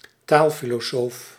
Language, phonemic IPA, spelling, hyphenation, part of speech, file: Dutch, /ˈtaːl.fi.loːˌsoːf/, taalfilosoof, taal‧fi‧lo‧soof, noun, Nl-taalfilosoof.ogg
- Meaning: philosopher of language